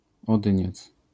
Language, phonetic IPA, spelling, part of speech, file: Polish, [ɔˈdɨ̃ɲɛt͡s], odyniec, noun, LL-Q809 (pol)-odyniec.wav